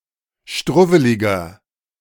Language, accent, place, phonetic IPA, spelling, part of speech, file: German, Germany, Berlin, [ˈʃtʁʊvəlɪɡɐ], struwweliger, adjective, De-struwweliger.ogg
- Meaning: 1. comparative degree of struwwelig 2. inflection of struwwelig: strong/mixed nominative masculine singular 3. inflection of struwwelig: strong genitive/dative feminine singular